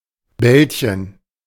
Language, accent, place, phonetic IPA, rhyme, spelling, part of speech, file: German, Germany, Berlin, [ˈbɛlçən], -ɛlçən, Bällchen, noun, De-Bällchen.ogg
- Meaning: diminutive of Ball: 1. little ball 2. little ball: a ball of food, such as a dumpling, a scoop of icecream, etc